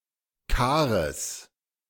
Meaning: genitive singular of Kar
- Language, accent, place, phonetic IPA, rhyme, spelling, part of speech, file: German, Germany, Berlin, [ˈkaːʁəs], -aːʁəs, Kares, noun, De-Kares.ogg